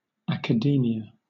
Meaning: 1. The scientific and cultural community engaged in higher education and research, taken as a whole 2. Continuous study at higher education institutions; scholarship
- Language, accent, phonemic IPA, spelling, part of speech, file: English, Southern England, /ˌæk.əˈdiː.mɪ.ə/, academia, noun, LL-Q1860 (eng)-academia.wav